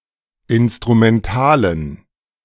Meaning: dative plural of Instrumental
- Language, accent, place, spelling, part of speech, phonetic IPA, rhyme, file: German, Germany, Berlin, Instrumentalen, noun, [ɪnstʁumɛnˈtaːlən], -aːlən, De-Instrumentalen.ogg